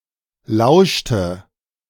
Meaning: inflection of lauschen: 1. first/third-person singular preterite 2. first/third-person singular subjunctive II
- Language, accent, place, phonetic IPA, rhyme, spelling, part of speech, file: German, Germany, Berlin, [ˈlaʊ̯ʃtə], -aʊ̯ʃtə, lauschte, verb, De-lauschte.ogg